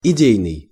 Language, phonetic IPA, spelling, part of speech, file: Russian, [ɪˈdʲejnɨj], идейный, adjective, Ru-идейный.ogg
- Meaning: 1. ideological, ideal 2. high-principled (of a person)